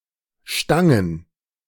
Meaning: plural of Stange
- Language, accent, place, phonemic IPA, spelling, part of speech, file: German, Germany, Berlin, /ˈʃtaŋən/, Stangen, noun, De-Stangen.ogg